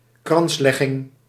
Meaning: laying of wreaths
- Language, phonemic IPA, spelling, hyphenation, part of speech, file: Dutch, /ˈkrɑnslɛɣɪŋ/, kranslegging, krans‧leg‧ging, noun, Nl-kranslegging.ogg